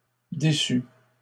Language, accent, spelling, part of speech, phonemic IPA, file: French, Canada, déçût, verb, /de.sy/, LL-Q150 (fra)-déçût.wav
- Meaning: third-person singular imperfect subjunctive of décevoir